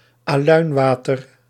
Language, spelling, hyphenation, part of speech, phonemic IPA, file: Dutch, aluinwater, aluin‧wa‧ter, noun, /aːˈlœy̯nˌʋaː.tər/, Nl-aluinwater.ogg
- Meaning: aluminous solution in water